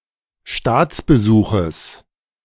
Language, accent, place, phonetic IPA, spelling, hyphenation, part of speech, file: German, Germany, Berlin, [ˈʃtaːt͡sbəˌzuːχəs], Staatsbesuches, Staats‧be‧su‧ches, noun, De-Staatsbesuches.ogg
- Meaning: genitive singular of Staatsbesuch